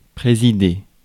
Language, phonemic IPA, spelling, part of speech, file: French, /pʁe.zi.de/, présider, verb, Fr-présider.ogg
- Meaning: 1. to preside; to chair; to head (to be in charge of) 2. to preside (over)